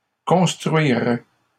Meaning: first/second-person singular conditional of construire
- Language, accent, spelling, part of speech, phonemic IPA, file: French, Canada, construirais, verb, /kɔ̃s.tʁɥi.ʁɛ/, LL-Q150 (fra)-construirais.wav